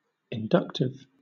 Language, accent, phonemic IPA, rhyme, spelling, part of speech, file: English, Southern England, /ɪnˈdʌktɪv/, -ʌktɪv, inductive, adjective, LL-Q1860 (eng)-inductive.wav
- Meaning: 1. Of, or relating to logical induction, by generalizing a universal claim or principle from the observed particular instances 2. Of, relating to, or arising from inductance